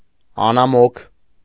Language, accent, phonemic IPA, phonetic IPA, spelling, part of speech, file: Armenian, Eastern Armenian, /ɑnɑˈmokʰ/, [ɑnɑmókʰ], անամոք, adjective, Hy-անամոք.ogg
- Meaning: disconsolate, inconsolable